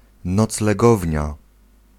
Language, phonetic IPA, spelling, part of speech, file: Polish, [ˌnɔt͡slɛˈɡɔvʲɲa], noclegownia, noun, Pl-noclegownia.ogg